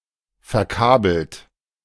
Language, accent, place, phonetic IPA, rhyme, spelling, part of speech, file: German, Germany, Berlin, [fɛɐ̯ˈkaːbl̩t], -aːbl̩t, verkabelt, verb, De-verkabelt.ogg
- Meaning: past participle of verkabeln